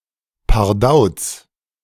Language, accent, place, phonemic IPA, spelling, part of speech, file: German, Germany, Berlin, /paʁˈdaʊ̯ts/, pardauz, interjection, De-pardauz.ogg
- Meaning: 1. Said when something falls down 2. Said in surprise or confusion